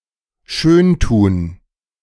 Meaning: [with dative] to flatter
- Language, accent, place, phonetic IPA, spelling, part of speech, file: German, Germany, Berlin, [ˈʃøːnˌtuːn], schöntun, verb, De-schöntun.ogg